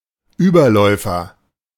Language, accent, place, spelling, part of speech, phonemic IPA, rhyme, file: German, Germany, Berlin, Überläufer, noun, /ˈyːbɐlɔɪ̯fɐ/, -ɔɪ̯fɐ, De-Überläufer.ogg
- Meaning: renegade, defector, turncoat